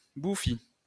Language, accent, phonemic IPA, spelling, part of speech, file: French, France, /bu.fi/, bouffi, verb / adjective / noun, LL-Q150 (fra)-bouffi.wav
- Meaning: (verb) past participle of bouffir; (adjective) 1. puffy 2. swollen (with pride etc.); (noun) fatty, porker